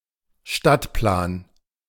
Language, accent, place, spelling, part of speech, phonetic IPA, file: German, Germany, Berlin, Stadtplan, noun, [ˈʃtatˌplaːn], De-Stadtplan.ogg
- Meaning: street map, city map